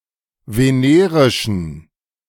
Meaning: inflection of venerisch: 1. strong genitive masculine/neuter singular 2. weak/mixed genitive/dative all-gender singular 3. strong/weak/mixed accusative masculine singular 4. strong dative plural
- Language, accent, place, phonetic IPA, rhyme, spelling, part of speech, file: German, Germany, Berlin, [veˈneːʁɪʃn̩], -eːʁɪʃn̩, venerischen, adjective, De-venerischen.ogg